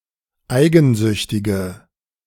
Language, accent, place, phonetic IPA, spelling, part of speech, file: German, Germany, Berlin, [ˈaɪ̯ɡn̩ˌzʏçtɪɡə], eigensüchtige, adjective, De-eigensüchtige.ogg
- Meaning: inflection of eigensüchtig: 1. strong/mixed nominative/accusative feminine singular 2. strong nominative/accusative plural 3. weak nominative all-gender singular